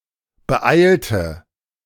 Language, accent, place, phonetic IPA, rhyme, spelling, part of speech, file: German, Germany, Berlin, [bəˈʔaɪ̯ltə], -aɪ̯ltə, beeilte, verb, De-beeilte.ogg
- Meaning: inflection of beeilen: 1. first/third-person singular preterite 2. first/third-person singular subjunctive II